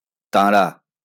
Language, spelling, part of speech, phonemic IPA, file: Bengali, তাঁরা, pronoun, /t̪ãra/, LL-Q9610 (ben)-তাঁরা.wav
- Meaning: they